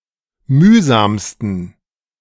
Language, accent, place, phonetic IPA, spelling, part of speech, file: German, Germany, Berlin, [ˈmyːzaːmstn̩], mühsamsten, adjective, De-mühsamsten.ogg
- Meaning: 1. superlative degree of mühsam 2. inflection of mühsam: strong genitive masculine/neuter singular superlative degree